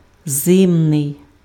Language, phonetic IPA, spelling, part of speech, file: Ukrainian, [ˈzɪmnei̯], зимний, adjective, Uk-зимний.ogg
- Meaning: cold